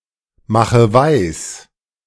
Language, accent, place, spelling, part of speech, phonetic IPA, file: German, Germany, Berlin, mache weis, verb, [ˌmaxə ˈvaɪ̯s], De-mache weis.ogg
- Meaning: inflection of weismachen: 1. first-person singular present 2. first/third-person singular subjunctive I 3. singular imperative